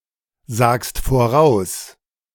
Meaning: second-person singular present of voraussagen
- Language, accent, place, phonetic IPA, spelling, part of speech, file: German, Germany, Berlin, [ˌzaːkst foˈʁaʊ̯s], sagst voraus, verb, De-sagst voraus.ogg